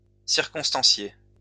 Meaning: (verb) past participle of circonstancier; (adjective) 1. circumstantial 2. particular 3. detailed
- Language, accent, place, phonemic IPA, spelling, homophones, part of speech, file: French, France, Lyon, /siʁ.kɔ̃s.tɑ̃.sje/, circonstancié, circonstanciée / circonstancier / circonstanciés, verb / adjective, LL-Q150 (fra)-circonstancié.wav